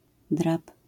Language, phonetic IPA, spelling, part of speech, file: Polish, [drap], drab, noun, LL-Q809 (pol)-drab.wav